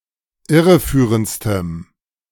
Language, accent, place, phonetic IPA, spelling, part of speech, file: German, Germany, Berlin, [ˈɪʁəˌfyːʁənt͡stəm], irreführendstem, adjective, De-irreführendstem.ogg
- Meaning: strong dative masculine/neuter singular superlative degree of irreführend